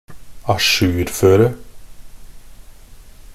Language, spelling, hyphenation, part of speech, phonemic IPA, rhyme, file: Norwegian Bokmål, ajourføre, a‧jour‧fø‧re, verb, /aˈʃʉːrføːrə/, -øːrə, Nb-ajourføre.ogg
- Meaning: to ensure compliance with the latest developments and conditions by adding or incorporating new information, to make something up to date or up to speed